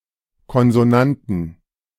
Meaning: inflection of Konsonant: 1. genitive/dative/accusative singular 2. nominative/genitive/dative/accusative plural
- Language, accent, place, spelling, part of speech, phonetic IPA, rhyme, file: German, Germany, Berlin, Konsonanten, noun, [kɔnzoˈnantn̩], -antn̩, De-Konsonanten.ogg